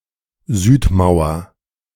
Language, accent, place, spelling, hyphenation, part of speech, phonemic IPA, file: German, Germany, Berlin, Südmauer, Süd‧mau‧er, noun, /ˈzyːtˌmaʊ̯ɐ/, De-Südmauer.ogg
- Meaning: south wall